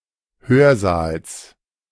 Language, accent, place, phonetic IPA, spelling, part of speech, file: German, Germany, Berlin, [ˈhøːɐ̯ˌzaːls], Hörsaals, noun, De-Hörsaals.ogg
- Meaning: genitive singular of Hörsaal